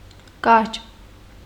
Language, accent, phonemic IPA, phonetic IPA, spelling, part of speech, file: Armenian, Eastern Armenian, /kɑɾt͡ʃ/, [kɑɾt͡ʃ], կարճ, adjective, Hy-կարճ.ogg
- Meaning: 1. short 2. low 3. brief, succinct